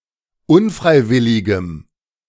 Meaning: strong dative masculine/neuter singular of unfreiwillig
- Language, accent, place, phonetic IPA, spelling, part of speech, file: German, Germany, Berlin, [ˈʊnˌfʁaɪ̯ˌvɪlɪɡəm], unfreiwilligem, adjective, De-unfreiwilligem.ogg